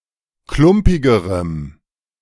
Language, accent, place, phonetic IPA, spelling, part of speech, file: German, Germany, Berlin, [ˈklʊmpɪɡəʁəm], klumpigerem, adjective, De-klumpigerem.ogg
- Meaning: strong dative masculine/neuter singular comparative degree of klumpig